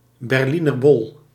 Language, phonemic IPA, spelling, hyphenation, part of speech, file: Dutch, /bɛrˈli.nərˌbɔl/, berlinerbol, ber‧li‧ner‧bol, noun, Nl-berlinerbol.ogg
- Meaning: Berliner (pastry)